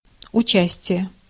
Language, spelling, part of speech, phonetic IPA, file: Russian, участие, noun, [ʊˈt͡ɕæsʲtʲɪje], Ru-участие.ogg
- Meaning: 1. participation, collaboration, complicity 2. share, stake 3. sympathy, interest, concern